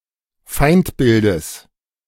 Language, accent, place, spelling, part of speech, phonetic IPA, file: German, Germany, Berlin, Feindbildes, noun, [ˈfaɪ̯ntˌbɪldəs], De-Feindbildes.ogg
- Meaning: genitive singular of Feindbild